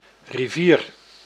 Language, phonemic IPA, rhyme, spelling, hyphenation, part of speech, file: Dutch, /riˈviːr/, -iːr, rivier, ri‧vier, noun, Nl-rivier.ogg
- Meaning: a river